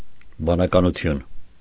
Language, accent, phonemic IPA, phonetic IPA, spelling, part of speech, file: Armenian, Eastern Armenian, /bɑnɑkɑnuˈtʰjun/, [bɑnɑkɑnut͡sʰjún], բանականություն, noun, Hy-բանականություն.ogg
- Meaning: 1. rationality, reasonability 2. intelligence, intellect, sense